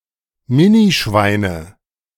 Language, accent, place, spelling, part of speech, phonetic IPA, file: German, Germany, Berlin, Minischweine, noun, [ˈmɪniˌʃvaɪ̯nə], De-Minischweine.ogg
- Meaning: nominative/accusative/genitive plural of Minischwein